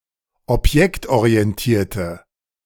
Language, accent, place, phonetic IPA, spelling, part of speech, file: German, Germany, Berlin, [ɔpˈjɛktʔoʁiɛnˌtiːɐ̯tə], objektorientierte, adjective, De-objektorientierte.ogg
- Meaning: inflection of objektorientiert: 1. strong/mixed nominative/accusative feminine singular 2. strong nominative/accusative plural 3. weak nominative all-gender singular